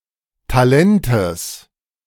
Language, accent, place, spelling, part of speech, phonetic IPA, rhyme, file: German, Germany, Berlin, Talentes, noun, [taˈlɛntəs], -ɛntəs, De-Talentes.ogg
- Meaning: genitive singular of Talent